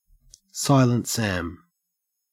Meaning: 1. A person who seldom or never speaks; a taciturn or unresponsive individual 2. A machine, device, etc. which operates without making noticeable sound
- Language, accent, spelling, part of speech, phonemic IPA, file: English, Australia, Silent Sam, noun, /ˌsaɪlənt ˈsæm/, En-au-Silent Sam.ogg